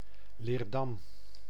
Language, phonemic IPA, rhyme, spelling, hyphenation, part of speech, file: Dutch, /leːrˈdɑm/, -ɑm, Leerdam, Leer‧dam, proper noun, Nl-Leerdam.ogg
- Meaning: a city and former municipality of Vijfheerenlanden, Utrecht, Netherlands